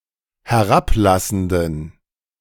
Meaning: inflection of herablassend: 1. strong genitive masculine/neuter singular 2. weak/mixed genitive/dative all-gender singular 3. strong/weak/mixed accusative masculine singular 4. strong dative plural
- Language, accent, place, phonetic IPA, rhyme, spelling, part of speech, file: German, Germany, Berlin, [hɛˈʁapˌlasn̩dən], -aplasn̩dən, herablassenden, adjective, De-herablassenden.ogg